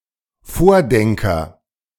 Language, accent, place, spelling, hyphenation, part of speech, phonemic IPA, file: German, Germany, Berlin, Vordenker, Vor‧den‧ker, noun, /ˈfoːʁˌdɛŋkəʁ/, De-Vordenker.ogg
- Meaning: pioneering or progressive thinker, visionary, thought leader (someone who forms new ideas and shapes concepts)